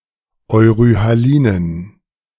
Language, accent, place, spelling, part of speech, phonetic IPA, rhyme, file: German, Germany, Berlin, euryhalinen, adjective, [ɔɪ̯ʁyhaˈliːnən], -iːnən, De-euryhalinen.ogg
- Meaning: inflection of euryhalin: 1. strong genitive masculine/neuter singular 2. weak/mixed genitive/dative all-gender singular 3. strong/weak/mixed accusative masculine singular 4. strong dative plural